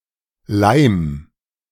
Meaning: 1. singular imperative of leimen 2. first-person singular present of leimen
- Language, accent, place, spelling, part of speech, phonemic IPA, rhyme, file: German, Germany, Berlin, leim, verb, /laɪ̯m/, -aɪ̯m, De-leim.ogg